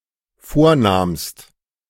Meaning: second-person singular dependent preterite of vornehmen
- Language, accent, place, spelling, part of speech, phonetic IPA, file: German, Germany, Berlin, vornahmst, verb, [ˈfoːɐ̯ˌnaːmst], De-vornahmst.ogg